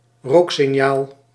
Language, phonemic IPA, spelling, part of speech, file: Dutch, /ˈroksɪˌɲal/, rooksignaal, noun, Nl-rooksignaal.ogg
- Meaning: smoke signal